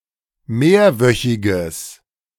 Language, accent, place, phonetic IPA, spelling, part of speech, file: German, Germany, Berlin, [ˈmeːɐ̯ˌvœçɪɡəs], mehrwöchiges, adjective, De-mehrwöchiges.ogg
- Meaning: strong/mixed nominative/accusative neuter singular of mehrwöchig